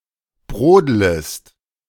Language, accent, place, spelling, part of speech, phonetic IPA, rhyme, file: German, Germany, Berlin, brodlest, verb, [ˈbʁoːdləst], -oːdləst, De-brodlest.ogg
- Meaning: second-person singular subjunctive I of brodeln